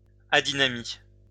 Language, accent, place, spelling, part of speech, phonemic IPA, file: French, France, Lyon, adynamie, noun, /a.di.na.mi/, LL-Q150 (fra)-adynamie.wav
- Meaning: adynamia (lack or loss of strength, usually due to a disease)